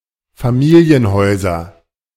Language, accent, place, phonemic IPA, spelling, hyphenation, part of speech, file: German, Germany, Berlin, /faˈmiːli̯ənˌhɔɪ̯zɐ/, Familienhäuser, Fa‧mi‧li‧en‧häu‧ser, noun, De-Familienhäuser.ogg
- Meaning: nominative/accusative/genitive plural of Familienhaus